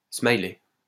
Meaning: smiley (logo of smiling face)
- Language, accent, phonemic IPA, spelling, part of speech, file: French, France, /smaj.lɛ/, smiley, noun, LL-Q150 (fra)-smiley.wav